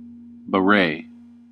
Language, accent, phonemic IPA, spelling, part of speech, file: English, US, /bəˈɹeɪ/, beret, noun, En-us-beret.ogg
- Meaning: A type of round, brimless cap with a soft top and a headband to secure it to the head; usually culturally associated with France